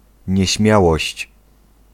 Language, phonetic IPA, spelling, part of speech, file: Polish, [ɲɛ̇ˈɕmʲjawɔɕt͡ɕ], nieśmiałość, noun, Pl-nieśmiałość.ogg